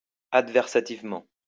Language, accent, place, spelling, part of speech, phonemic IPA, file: French, France, Lyon, adversativement, adverb, /ad.vɛʁ.sa.tiv.mɑ̃/, LL-Q150 (fra)-adversativement.wav
- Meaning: adversatively